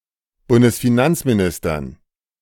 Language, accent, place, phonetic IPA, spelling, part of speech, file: German, Germany, Berlin, [ˌbʊndəsfiˈnant͡smiˌnɪstɐn], Bundesfinanzministern, noun, De-Bundesfinanzministern.ogg
- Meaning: dative plural of Bundesfinanzminister